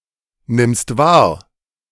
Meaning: second-person singular present of wahrnehmen
- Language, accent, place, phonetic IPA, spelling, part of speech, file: German, Germany, Berlin, [ˌnɪmst ˈvaːɐ̯], nimmst wahr, verb, De-nimmst wahr.ogg